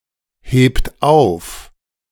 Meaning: inflection of aufheben: 1. third-person singular present 2. second-person plural present 3. plural imperative
- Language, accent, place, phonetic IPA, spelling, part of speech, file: German, Germany, Berlin, [ˌheːpt ˈaʊ̯f], hebt auf, verb, De-hebt auf.ogg